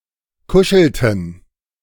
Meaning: inflection of kuscheln: 1. first/third-person plural preterite 2. first/third-person plural subjunctive II
- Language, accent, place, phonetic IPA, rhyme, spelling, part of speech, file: German, Germany, Berlin, [ˈkʊʃl̩tn̩], -ʊʃl̩tn̩, kuschelten, verb, De-kuschelten.ogg